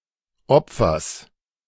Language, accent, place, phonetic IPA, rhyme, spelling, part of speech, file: German, Germany, Berlin, [ˈɔp͡fɐs], -ɔp͡fɐs, Opfers, noun, De-Opfers.ogg
- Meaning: genitive singular of Opfer